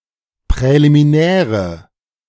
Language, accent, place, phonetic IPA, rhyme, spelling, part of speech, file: German, Germany, Berlin, [pʁɛlimiˈnɛːʁə], -ɛːʁə, präliminäre, adjective, De-präliminäre.ogg
- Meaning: inflection of präliminär: 1. strong/mixed nominative/accusative feminine singular 2. strong nominative/accusative plural 3. weak nominative all-gender singular